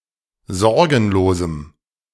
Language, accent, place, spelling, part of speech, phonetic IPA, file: German, Germany, Berlin, sorgenlosem, adjective, [ˈzɔʁɡn̩loːzm̩], De-sorgenlosem.ogg
- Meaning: strong dative masculine/neuter singular of sorgenlos